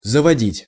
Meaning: 1. to take, to bring, to lead 2. to get, to procure, to acquire, to buy 3. to establish, to set up, to found 4. to start 5. to form, to contract 6. to start (a motor), to wind up (clock)
- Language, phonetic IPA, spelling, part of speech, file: Russian, [zəvɐˈdʲitʲ], заводить, verb, Ru-заводить.ogg